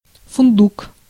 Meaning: 1. hazelnut, hazel (nut) 2. filbert
- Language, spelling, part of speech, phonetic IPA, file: Russian, фундук, noun, [fʊnˈduk], Ru-фундук.ogg